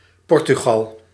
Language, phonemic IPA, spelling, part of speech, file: Dutch, /ˈpɔrtyɣɑl/, Portugal, proper noun, Nl-Portugal.ogg
- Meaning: Portugal (a country in Southern Europe, on the Iberian Peninsula)